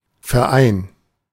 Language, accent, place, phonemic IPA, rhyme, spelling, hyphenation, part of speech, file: German, Germany, Berlin, /fɛˈʁaɪ̯n/, -aɪ̯n, Verein, Ver‧ein, noun, De-Verein.ogg
- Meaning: association, club, society